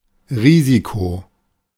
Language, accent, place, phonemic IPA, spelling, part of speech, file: German, Germany, Berlin, /ˈʁɪziko/, Risiko, noun, De-Risiko.ogg
- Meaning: risk